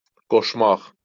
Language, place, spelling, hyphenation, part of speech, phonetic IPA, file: Azerbaijani, Baku, qoşmaq, qoş‧maq, verb, [ɡoʃˈmɑχ], LL-Q9292 (aze)-qoşmaq.wav
- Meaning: 1. to attach 2. to harness (a beast of burden), to yoke (an ox) 3. to add (to join one thing to another) 4. to connect 5. to involve, engage, attract to a certain activity